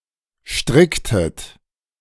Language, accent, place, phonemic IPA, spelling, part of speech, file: German, Germany, Berlin, /ˈʃtʁɪktət/, stricktet, verb, De-stricktet.ogg
- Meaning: inflection of stricken: 1. second-person plural preterite 2. second-person plural subjunctive II